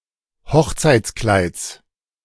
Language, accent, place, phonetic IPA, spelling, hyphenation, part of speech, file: German, Germany, Berlin, [ˈhɔxt͡saɪ̯t͡sˌklaɪ̯t͡s], Hochzeitskleids, Hoch‧zeits‧kleids, noun, De-Hochzeitskleids.ogg
- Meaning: genitive singular of Hochzeitskleid